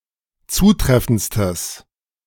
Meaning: strong/mixed nominative/accusative neuter singular superlative degree of zutreffend
- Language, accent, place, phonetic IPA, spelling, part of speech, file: German, Germany, Berlin, [ˈt͡suːˌtʁɛfn̩t͡stəs], zutreffendstes, adjective, De-zutreffendstes.ogg